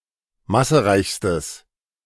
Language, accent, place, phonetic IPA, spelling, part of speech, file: German, Germany, Berlin, [ˈmasəˌʁaɪ̯çstəs], massereichstes, adjective, De-massereichstes.ogg
- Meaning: strong/mixed nominative/accusative neuter singular superlative degree of massereich